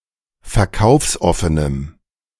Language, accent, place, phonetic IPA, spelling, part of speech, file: German, Germany, Berlin, [fɛɐ̯ˈkaʊ̯fsˌʔɔfənəm], verkaufsoffenem, adjective, De-verkaufsoffenem.ogg
- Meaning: strong dative masculine/neuter singular of verkaufsoffen